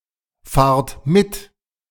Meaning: inflection of mitfahren: 1. second-person plural present 2. plural imperative
- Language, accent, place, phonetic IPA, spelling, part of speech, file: German, Germany, Berlin, [ˌfaːɐ̯t ˈmɪt], fahrt mit, verb, De-fahrt mit.ogg